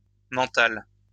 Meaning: feminine singular of mental
- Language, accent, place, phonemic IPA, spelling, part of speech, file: French, France, Lyon, /mɑ̃.tal/, mentale, adjective, LL-Q150 (fra)-mentale.wav